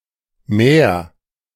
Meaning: 1. an often repeated untruth, a fable, a false narrative 2. tale, fairytale, fable 3. tidings, news
- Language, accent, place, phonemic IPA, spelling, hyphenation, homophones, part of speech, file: German, Germany, Berlin, /mɛːr/, Mär, Mär, Meer, noun, De-Mär.ogg